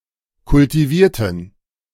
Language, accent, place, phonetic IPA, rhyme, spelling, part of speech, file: German, Germany, Berlin, [kʊltiˈviːɐ̯tn̩], -iːɐ̯tn̩, kultivierten, adjective / verb, De-kultivierten.ogg
- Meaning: inflection of kultivieren: 1. first/third-person plural preterite 2. first/third-person plural subjunctive II